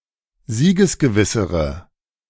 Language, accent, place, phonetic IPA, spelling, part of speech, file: German, Germany, Berlin, [ˈziːɡəsɡəˌvɪsəʁə], siegesgewissere, adjective, De-siegesgewissere.ogg
- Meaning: inflection of siegesgewiss: 1. strong/mixed nominative/accusative feminine singular comparative degree 2. strong nominative/accusative plural comparative degree